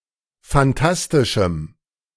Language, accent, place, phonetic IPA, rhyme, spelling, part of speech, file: German, Germany, Berlin, [fanˈtastɪʃm̩], -astɪʃm̩, fantastischem, adjective, De-fantastischem.ogg
- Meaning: strong dative masculine/neuter singular of fantastisch